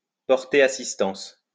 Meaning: to give assistance, to render aid
- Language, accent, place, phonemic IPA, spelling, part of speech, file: French, France, Lyon, /pɔʁ.te a.sis.tɑ̃s/, porter assistance, verb, LL-Q150 (fra)-porter assistance.wav